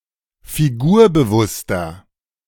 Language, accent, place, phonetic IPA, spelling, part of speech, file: German, Germany, Berlin, [fiˈɡuːɐ̯bəˌvʊstɐ], figurbewusster, adjective, De-figurbewusster.ogg
- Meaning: 1. comparative degree of figurbewusst 2. inflection of figurbewusst: strong/mixed nominative masculine singular 3. inflection of figurbewusst: strong genitive/dative feminine singular